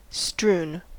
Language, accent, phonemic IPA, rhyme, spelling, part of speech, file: English, US, /stɹun/, -uːn, strewn, adjective / verb, En-us-strewn.ogg
- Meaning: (adjective) Covered, scattered or overspread with objects; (verb) past participle of strew